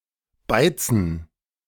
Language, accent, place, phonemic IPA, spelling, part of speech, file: German, Germany, Berlin, /ˈbaɪ̯t͡sn̩/, beizen, verb, De-beizen.ogg
- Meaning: 1. to stain (to coat a surface with a stain) 2. to etch (to cut into a surface with an acid) 3. to pickle (to remove high-temperature scale and oxidation from metal) 4. to marinate